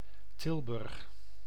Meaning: Tilburg (a city and municipality of North Brabant, Netherlands)
- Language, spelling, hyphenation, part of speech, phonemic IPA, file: Dutch, Tilburg, Til‧burg, proper noun, /ˈtɪl.bʏrx/, Nl-Tilburg.ogg